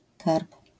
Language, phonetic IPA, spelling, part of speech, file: Polish, [karp], karb, noun, LL-Q809 (pol)-karb.wav